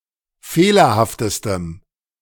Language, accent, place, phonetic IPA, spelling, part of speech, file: German, Germany, Berlin, [ˈfeːlɐhaftəstəm], fehlerhaftestem, adjective, De-fehlerhaftestem.ogg
- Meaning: strong dative masculine/neuter singular superlative degree of fehlerhaft